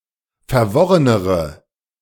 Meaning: inflection of verworren: 1. strong/mixed nominative/accusative feminine singular comparative degree 2. strong nominative/accusative plural comparative degree
- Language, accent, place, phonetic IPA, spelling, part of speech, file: German, Germany, Berlin, [fɛɐ̯ˈvɔʁənəʁə], verworrenere, adjective, De-verworrenere.ogg